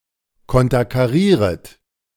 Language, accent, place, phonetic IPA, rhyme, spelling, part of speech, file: German, Germany, Berlin, [ˌkɔntɐkaˈʁiːʁət], -iːʁət, konterkarieret, verb, De-konterkarieret.ogg
- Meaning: second-person plural subjunctive I of konterkarieren